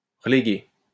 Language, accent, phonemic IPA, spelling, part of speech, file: French, France, /ʁə.le.ɡe/, reléguer, verb, LL-Q150 (fra)-reléguer.wav
- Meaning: to relegate